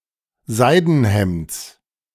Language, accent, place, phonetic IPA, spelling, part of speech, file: German, Germany, Berlin, [ˈzaɪ̯dn̩ˌhɛmt͡s], Seidenhemds, noun, De-Seidenhemds.ogg
- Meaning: genitive singular of Seidenhemd